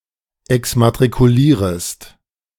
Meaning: second-person singular subjunctive I of exmatrikulieren
- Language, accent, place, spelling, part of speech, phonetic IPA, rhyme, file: German, Germany, Berlin, exmatrikulierest, verb, [ɛksmatʁikuˈliːʁəst], -iːʁəst, De-exmatrikulierest.ogg